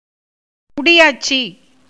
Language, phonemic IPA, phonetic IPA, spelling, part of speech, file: Tamil, /mʊɖɪjɑːʈtʃiː/, [mʊɖɪjäːʈsiː], முடியாட்சி, noun, Ta-முடியாட்சி.ogg
- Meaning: monarchy